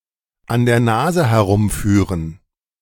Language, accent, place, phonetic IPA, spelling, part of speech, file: German, Germany, Berlin, [an deːɐ̯ ˈnaːzə həˈʁʊmˌfyːʁən], an der Nase herumführen, verb, De-an der Nase herumführen.ogg
- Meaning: to deceive